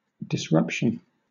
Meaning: 1. An interruption to the regular flow or sequence of something 2. A continuing act of disorder 3. A breaking or bursting apart; a breach
- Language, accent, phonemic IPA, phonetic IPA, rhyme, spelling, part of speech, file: English, Southern England, /dɪsˈɹʌpʃən/, [dɪzˈɹʌpʃən], -ʌpʃən, disruption, noun, LL-Q1860 (eng)-disruption.wav